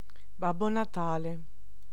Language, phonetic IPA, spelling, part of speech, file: Italian, [ˈbab.bo na.ˈta.le], Babbo Natale, proper noun, It-Babbo Natale.ogg